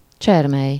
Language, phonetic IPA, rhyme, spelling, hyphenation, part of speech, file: Hungarian, [ˈt͡ʃɛrmɛj], -ɛj, csermely, cser‧mely, noun, Hu-csermely.ogg
- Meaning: creek, brooklet, rivulet, streamlet, rill, runnel